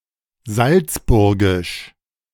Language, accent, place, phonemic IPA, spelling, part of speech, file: German, Germany, Berlin, /ˈzalt͡sˌbʊʁɡɪʃ/, salzburgisch, adjective, De-salzburgisch.ogg
- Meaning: of Salzburg; Salzburgian